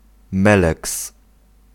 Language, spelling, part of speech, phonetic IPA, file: Polish, meleks, noun, [ˈmɛlɛks], Pl-meleks.ogg